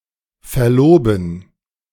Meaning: to betroth; to get engaged (optional [with mit (+ dative) ‘someone’])
- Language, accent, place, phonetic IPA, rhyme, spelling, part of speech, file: German, Germany, Berlin, [fɛɐ̯ˈloːbn̩], -oːbn̩, verloben, verb, De-verloben.ogg